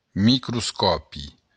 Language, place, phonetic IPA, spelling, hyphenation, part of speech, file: Occitan, Béarn, [mikrusˈkɔpi], microscòpi, mi‧cro‧scò‧pi, noun, LL-Q14185 (oci)-microscòpi.wav
- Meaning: microscope